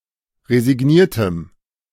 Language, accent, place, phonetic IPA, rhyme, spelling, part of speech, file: German, Germany, Berlin, [ʁezɪˈɡniːɐ̯təm], -iːɐ̯təm, resigniertem, adjective, De-resigniertem.ogg
- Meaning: strong dative masculine/neuter singular of resigniert